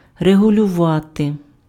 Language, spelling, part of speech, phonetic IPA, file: Ukrainian, регулювати, verb, [reɦʊlʲʊˈʋate], Uk-регулювати.ogg
- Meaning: to regulate